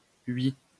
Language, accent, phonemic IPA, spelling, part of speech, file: French, France, /ɥi/, hui, adverb, LL-Q150 (fra)-hui.wav
- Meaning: today